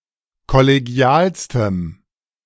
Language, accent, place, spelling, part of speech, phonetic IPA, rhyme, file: German, Germany, Berlin, kollegialstem, adjective, [kɔleˈɡi̯aːlstəm], -aːlstəm, De-kollegialstem.ogg
- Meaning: strong dative masculine/neuter singular superlative degree of kollegial